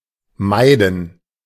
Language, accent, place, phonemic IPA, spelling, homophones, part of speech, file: German, Germany, Berlin, /ˈmaɪ̯dən/, meiden, Maiden, verb, De-meiden.ogg
- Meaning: 1. to avoid, to keep away from 2. to shun